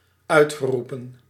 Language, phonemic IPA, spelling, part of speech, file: Dutch, /ˈœʏtɣəˌrupə(n)/, uitgeroepen, verb, Nl-uitgeroepen.ogg
- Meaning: past participle of uitroepen